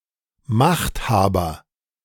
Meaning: 1. ruler, ruling power, ruling class 2. potentate
- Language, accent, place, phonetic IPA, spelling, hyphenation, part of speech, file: German, Germany, Berlin, [ˈmaχtˌhaːbɐ], Machthaber, Macht‧ha‧ber, noun, De-Machthaber.ogg